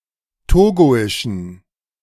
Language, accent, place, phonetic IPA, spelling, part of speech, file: German, Germany, Berlin, [ˈtoːɡoɪʃn̩], togoischen, adjective, De-togoischen.ogg
- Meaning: inflection of togoisch: 1. strong genitive masculine/neuter singular 2. weak/mixed genitive/dative all-gender singular 3. strong/weak/mixed accusative masculine singular 4. strong dative plural